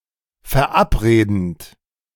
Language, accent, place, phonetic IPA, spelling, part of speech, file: German, Germany, Berlin, [fɛɐ̯ˈʔapˌʁeːdn̩t], verabredend, verb, De-verabredend.ogg
- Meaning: present participle of verabreden